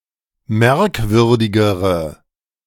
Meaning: inflection of merkwürdig: 1. strong/mixed nominative/accusative feminine singular comparative degree 2. strong nominative/accusative plural comparative degree
- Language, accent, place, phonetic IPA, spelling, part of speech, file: German, Germany, Berlin, [ˈmɛʁkˌvʏʁdɪɡəʁə], merkwürdigere, adjective, De-merkwürdigere.ogg